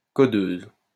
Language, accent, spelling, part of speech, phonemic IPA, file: French, France, codeuse, noun, /kɔ.døz/, LL-Q150 (fra)-codeuse.wav
- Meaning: female equivalent of codeur